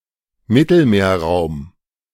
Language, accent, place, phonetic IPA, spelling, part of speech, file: German, Germany, Berlin, [ˈmɪtl̩meːɐ̯ˌʁaʊ̯m], Mittelmeerraum, noun, De-Mittelmeerraum.ogg
- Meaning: Mediterranean area or region